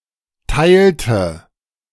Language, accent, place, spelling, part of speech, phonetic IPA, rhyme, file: German, Germany, Berlin, teilte, verb, [ˈtaɪ̯ltə], -aɪ̯ltə, De-teilte.ogg
- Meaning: inflection of teilen: 1. first/third-person singular preterite 2. first/third-person singular subjunctive II